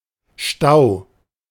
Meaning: 1. congestion, stagnancy of water or anything dammed or otherwise backed-up 2. ellipsis of Verkehrsstau (“traffic jam”) 3. weir
- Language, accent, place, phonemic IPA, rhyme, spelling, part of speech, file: German, Germany, Berlin, /ʃtaʊ̯/, -aʊ̯, Stau, noun, De-Stau.ogg